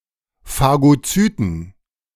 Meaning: plural of Phagozyt
- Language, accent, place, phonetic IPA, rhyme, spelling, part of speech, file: German, Germany, Berlin, [faɡoˈt͡syːtn̩], -yːtn̩, Phagozyten, noun, De-Phagozyten.ogg